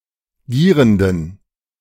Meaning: inflection of gierend: 1. strong genitive masculine/neuter singular 2. weak/mixed genitive/dative all-gender singular 3. strong/weak/mixed accusative masculine singular 4. strong dative plural
- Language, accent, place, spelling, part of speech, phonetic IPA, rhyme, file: German, Germany, Berlin, gierenden, adjective, [ˈɡiːʁəndn̩], -iːʁəndn̩, De-gierenden.ogg